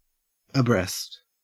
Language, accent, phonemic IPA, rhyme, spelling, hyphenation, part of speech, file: English, Australia, /əˈbɹɛst/, -ɛst, abreast, abreast, adverb / adjective / preposition, En-au-abreast.ogg
- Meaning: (adverb) 1. Side by side and facing forward 2. Alongside; parallel to 3. Informed, well-informed, familiar, acquainted 4. Followed by of or with: up to a certain level or line; equally advanced